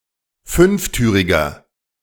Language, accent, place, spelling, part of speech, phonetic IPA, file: German, Germany, Berlin, fünftüriger, adjective, [ˈfʏnfˌtyːʁɪɡɐ], De-fünftüriger.ogg
- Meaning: inflection of fünftürig: 1. strong/mixed nominative masculine singular 2. strong genitive/dative feminine singular 3. strong genitive plural